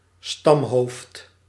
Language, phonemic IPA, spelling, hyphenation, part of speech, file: Dutch, /ˈstɑm.ɦoːft/, stamhoofd, stam‧hoofd, noun, Nl-stamhoofd.ogg
- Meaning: a tribal chief or leader